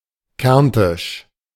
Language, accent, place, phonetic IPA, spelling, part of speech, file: German, Germany, Berlin, [ˈkɛʁntɪʃ], kärntisch, adjective, De-kärntisch.ogg
- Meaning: alternative form of kärntnerisch